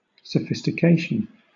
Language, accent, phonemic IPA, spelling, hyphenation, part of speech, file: English, Southern England, /səˌfɪs.tɪˈkeɪ.ʃən/, sophistication, so‧phis‧ti‧ca‧tion, noun, LL-Q1860 (eng)-sophistication.wav
- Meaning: 1. Enlightenment or education 2. Cultivated intellectual worldliness; savoir-faire 3. Deceptive logic; sophistry 4. Falsification, contamination 5. Complexity 6. Ability to deal with complexity